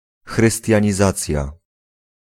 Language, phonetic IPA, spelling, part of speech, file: Polish, [ˌxrɨstʲjä̃ɲiˈzat͡sʲja], chrystianizacja, noun, Pl-chrystianizacja.ogg